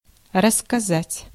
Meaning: 1. to tell 2. to relate, to narrate
- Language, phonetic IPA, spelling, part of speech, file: Russian, [rəs(ː)kɐˈzatʲ], рассказать, verb, Ru-рассказать.ogg